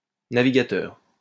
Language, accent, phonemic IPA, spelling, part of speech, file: French, France, /na.vi.ɡa.tœʁ/, navigateur, noun, LL-Q150 (fra)-navigateur.wav
- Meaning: 1. navigator 2. browser